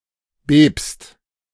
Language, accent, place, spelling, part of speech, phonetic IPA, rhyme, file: German, Germany, Berlin, bebst, verb, [beːpst], -eːpst, De-bebst.ogg
- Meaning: second-person singular present of beben